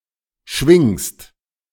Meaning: second-person singular present of schwingen
- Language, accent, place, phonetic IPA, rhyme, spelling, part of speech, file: German, Germany, Berlin, [ʃvɪŋst], -ɪŋst, schwingst, verb, De-schwingst.ogg